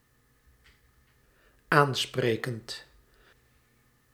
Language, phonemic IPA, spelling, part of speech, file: Dutch, /ˈansprekənt/, aansprekend, verb / adjective, Nl-aansprekend.ogg
- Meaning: present participle of aanspreken